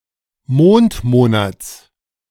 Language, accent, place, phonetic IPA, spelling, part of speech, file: German, Germany, Berlin, [ˈmoːntˌmoːnat͡s], Mondmonats, noun, De-Mondmonats.ogg
- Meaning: genitive singular of Mondmonat